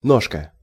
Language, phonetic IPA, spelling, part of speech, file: Russian, [ˈnoʂkə], ножка, noun, Ru-ножка.ogg
- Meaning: 1. diminutive of нога́ (nogá): small leg 2. trotter (food) 3. leg 4. stem of a glass or letter 5. stalk of a mushroom 6. drumstick (chicken leg)